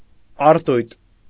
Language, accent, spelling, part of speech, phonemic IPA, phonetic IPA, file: Armenian, Eastern Armenian, արտույտ, noun, /ɑɾˈtujt/, [ɑɾtújt], Hy-արտույտ.ogg
- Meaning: lark